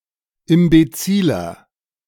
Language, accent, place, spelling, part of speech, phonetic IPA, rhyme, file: German, Germany, Berlin, imbeziler, adjective, [ɪmbeˈt͡siːlɐ], -iːlɐ, De-imbeziler.ogg
- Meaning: inflection of imbezil: 1. strong/mixed nominative masculine singular 2. strong genitive/dative feminine singular 3. strong genitive plural